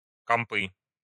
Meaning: nominative/accusative plural of комп (komp)
- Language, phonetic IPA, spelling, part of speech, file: Russian, [kɐmˈpɨ], компы, noun, Ru-компы.ogg